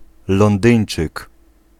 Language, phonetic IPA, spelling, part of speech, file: Polish, [lɔ̃nˈdɨ̃j̃n͇t͡ʃɨk], londyńczyk, noun, Pl-londyńczyk.ogg